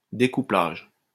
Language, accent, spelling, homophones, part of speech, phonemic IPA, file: French, France, découplage, découplages, noun, /de.ku.plaʒ/, LL-Q150 (fra)-découplage.wav
- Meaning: decoupling